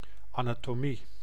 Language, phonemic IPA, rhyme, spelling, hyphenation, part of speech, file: Dutch, /ˌaː.naː.toːˈmi/, -i, anatomie, ana‧to‧mie, noun, Nl-anatomie.ogg
- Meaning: anatomy